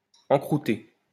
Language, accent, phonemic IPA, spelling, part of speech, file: French, France, /ɑ̃.kʁu.te/, encroûté, verb, LL-Q150 (fra)-encroûté.wav
- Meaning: past participle of encroûter